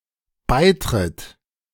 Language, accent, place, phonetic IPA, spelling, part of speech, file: German, Germany, Berlin, [ˈbaɪ̯tʁɪt], beitritt, verb, De-beitritt.ogg
- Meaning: third-person singular dependent present of beitreten